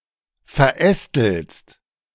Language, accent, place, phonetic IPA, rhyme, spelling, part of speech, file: German, Germany, Berlin, [fɛɐ̯ˈʔɛstl̩st], -ɛstl̩st, verästelst, verb, De-verästelst.ogg
- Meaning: second-person singular present of verästeln